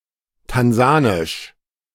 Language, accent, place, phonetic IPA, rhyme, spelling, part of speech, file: German, Germany, Berlin, [tanˈzaːnɪʃ], -aːnɪʃ, tansanisch, adjective, De-tansanisch.ogg
- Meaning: Tanzanian